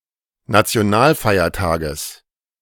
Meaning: genitive singular of Nationalfeiertag
- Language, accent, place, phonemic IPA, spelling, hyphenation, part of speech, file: German, Germany, Berlin, /nat͡si̯oˈnaːlˌfaɪ̯ɐtaːɡəs/, Nationalfeiertages, Na‧ti‧o‧nal‧fei‧er‧ta‧ges, noun, De-Nationalfeiertages.ogg